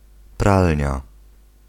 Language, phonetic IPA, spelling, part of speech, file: Polish, [ˈpralʲɲa], pralnia, noun, Pl-pralnia.ogg